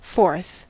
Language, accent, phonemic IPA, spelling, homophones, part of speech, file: English, US, /fɔɹθ/, forth, fourth, adverb / preposition / adjective / noun, En-us-forth.ogg
- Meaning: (adverb) 1. Forward in time, place or degree 2. Out into view; from a particular place or position 3. Beyond a (certain) boundary; away; abroad; out; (preposition) Forth from; out of